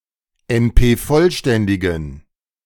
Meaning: inflection of NP-vollständig: 1. strong genitive masculine/neuter singular 2. weak/mixed genitive/dative all-gender singular 3. strong/weak/mixed accusative masculine singular 4. strong dative plural
- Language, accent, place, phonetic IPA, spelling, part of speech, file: German, Germany, Berlin, [ɛnˈpeːˌfɔlʃtɛndɪɡn̩], NP-vollständigen, adjective, De-NP-vollständigen.ogg